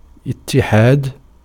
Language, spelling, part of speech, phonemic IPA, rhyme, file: Arabic, اتحاد, noun, /it.ti.ħaːd/, -aːd, Ar-اتحاد.ogg
- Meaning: 1. verbal noun of اِتَّحَدَ (ittaḥada) (form VIII) 2. union 3. concord 4. unanimity 5. identity